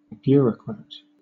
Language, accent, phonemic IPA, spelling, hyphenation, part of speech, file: English, Southern England, /ˈbjʊəɹəkɹæt/, bureaucrat, bu‧reau‧crat, noun, LL-Q1860 (eng)-bureaucrat.wav
- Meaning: 1. An official who is part of a bureaucracy 2. A user on a wiki with the right to change users' access levels